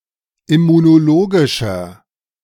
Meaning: inflection of immunologisch: 1. strong/mixed nominative masculine singular 2. strong genitive/dative feminine singular 3. strong genitive plural
- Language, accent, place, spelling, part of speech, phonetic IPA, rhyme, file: German, Germany, Berlin, immunologischer, adjective, [ɪmunoˈloːɡɪʃɐ], -oːɡɪʃɐ, De-immunologischer.ogg